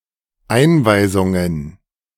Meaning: plural of Einweisung
- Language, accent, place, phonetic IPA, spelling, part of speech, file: German, Germany, Berlin, [ˈaɪ̯nˌvaɪ̯zʊŋən], Einweisungen, noun, De-Einweisungen.ogg